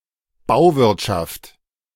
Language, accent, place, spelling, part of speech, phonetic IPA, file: German, Germany, Berlin, Bauwirtschaft, noun, [ˈbaʊ̯ˌvɪʁtʃaft], De-Bauwirtschaft.ogg
- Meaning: construction industry, building trade